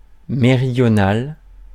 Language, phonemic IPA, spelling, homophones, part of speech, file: French, /me.ʁi.djɔ.nal/, méridional, méridionale / méridionales, adjective, Fr-méridional.ogg
- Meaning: meridional